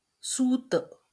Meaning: thread, fibre
- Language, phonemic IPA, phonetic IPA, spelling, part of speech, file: Marathi, /sut̪/, [suːt̪], सूत, noun, LL-Q1571 (mar)-सूत.wav